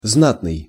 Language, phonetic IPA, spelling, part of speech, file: Russian, [ˈznatnɨj], знатный, adjective, Ru-знатный.ogg
- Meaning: 1. noble 2. outstanding, distinguished 3. good, excellent